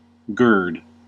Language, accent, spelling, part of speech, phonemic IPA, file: English, US, gird, verb / noun, /ɡɝd/, En-us-gird.ogg
- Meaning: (verb) 1. To bind with a flexible rope or cord 2. To encircle with, or as if with a belt 3. To prepare (oneself) for an action